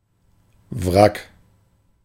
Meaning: 1. wreck (damaged remains of a ship, airplane, etc.) 2. wreck (physically and/or mentally unstable person)
- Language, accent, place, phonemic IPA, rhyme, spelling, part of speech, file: German, Germany, Berlin, /vʁak/, -ak, Wrack, noun, De-Wrack.ogg